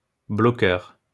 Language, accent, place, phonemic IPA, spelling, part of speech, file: French, France, Lyon, /blɔ.kœʁ/, bloqueur, noun, LL-Q150 (fra)-bloqueur.wav
- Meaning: blocker